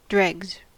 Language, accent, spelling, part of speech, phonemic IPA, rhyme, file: English, US, dregs, noun, /dɹɛɡz/, -ɛɡz, En-us-dregs.ogg
- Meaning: 1. The sediment settled at the bottom of a liquid; the lees in a container of unfiltered wine 2. The worst and lowest part of something